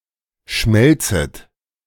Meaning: second-person plural subjunctive I of schmelzen
- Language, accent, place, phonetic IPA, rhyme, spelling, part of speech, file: German, Germany, Berlin, [ˈʃmɛlt͡sət], -ɛlt͡sət, schmelzet, verb, De-schmelzet.ogg